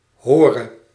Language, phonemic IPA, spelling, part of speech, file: Dutch, /ˈhɔːrə/, hore, verb, Nl-hore.ogg
- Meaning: singular present subjunctive of horen